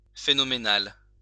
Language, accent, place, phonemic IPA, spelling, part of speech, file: French, France, Lyon, /fe.nɔ.me.nal/, phénoménal, adjective, LL-Q150 (fra)-phénoménal.wav
- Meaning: phenomenal